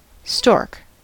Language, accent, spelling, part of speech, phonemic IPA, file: English, US, stork, noun, /stɔɹk/, En-us-stork.ogg
- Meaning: 1. A large wading bird with long legs and a long beak of the order Ciconiiformes and its family Ciconiidae 2. The mythical bringer of babies to families, or good news 3. The seventeenth Lenormand card